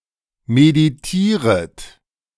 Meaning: second-person plural subjunctive I of meditieren
- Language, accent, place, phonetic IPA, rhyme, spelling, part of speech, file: German, Germany, Berlin, [mediˈtiːʁət], -iːʁət, meditieret, verb, De-meditieret.ogg